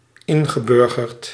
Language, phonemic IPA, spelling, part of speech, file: Dutch, /ˈɪŋɣəˌbʏrɣərt/, ingeburgerd, verb / adjective, Nl-ingeburgerd.ogg
- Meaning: past participle of inburgeren